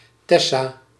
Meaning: a female given name
- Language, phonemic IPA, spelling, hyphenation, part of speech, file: Dutch, /ˈtɛ.saː/, Tessa, Tes‧sa, proper noun, Nl-Tessa.ogg